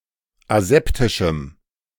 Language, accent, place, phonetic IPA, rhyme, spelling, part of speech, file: German, Germany, Berlin, [aˈzɛptɪʃm̩], -ɛptɪʃm̩, aseptischem, adjective, De-aseptischem.ogg
- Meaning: strong dative masculine/neuter singular of aseptisch